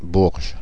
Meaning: Bourges (a city in France)
- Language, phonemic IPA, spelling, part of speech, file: French, /buʁʒ/, Bourges, proper noun, Fr-Bourges.ogg